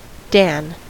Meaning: A title of honour or respect similar to "master" or "Sir", used of historical and legendary figures of the past
- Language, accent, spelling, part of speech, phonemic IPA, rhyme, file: English, US, dan, noun, /dæn/, -æn, En-us-dan.ogg